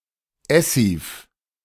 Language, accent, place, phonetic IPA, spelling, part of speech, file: German, Germany, Berlin, [ˈɛsiːf], Essiv, noun, De-Essiv.ogg
- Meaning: essive